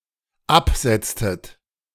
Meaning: inflection of absetzen: 1. second-person plural dependent preterite 2. second-person plural dependent subjunctive II
- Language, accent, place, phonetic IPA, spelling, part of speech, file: German, Germany, Berlin, [ˈapˌz̥ɛt͡stət], absetztet, verb, De-absetztet.ogg